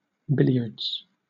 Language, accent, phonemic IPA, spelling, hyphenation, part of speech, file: English, Southern England, /ˈbɪlɪədz/, billiards, bil‧liards, noun, LL-Q1860 (eng)-billiards.wav
- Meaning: A two-player cue sport played with two cue balls and one red ball, on a snooker sized table